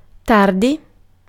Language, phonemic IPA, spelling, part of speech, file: Italian, /ˈtardi/, tardi, adjective / adverb / verb, It-tardi.ogg